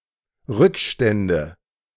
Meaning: nominative/accusative/genitive plural of Rückstand
- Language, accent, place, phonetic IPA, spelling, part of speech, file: German, Germany, Berlin, [ˈʁʏkˌʃtɛndə], Rückstände, noun, De-Rückstände.ogg